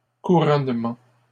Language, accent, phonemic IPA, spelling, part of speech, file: French, Canada, /ku.ʁɔn.mɑ̃/, couronnements, noun, LL-Q150 (fra)-couronnements.wav
- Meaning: plural of couronnement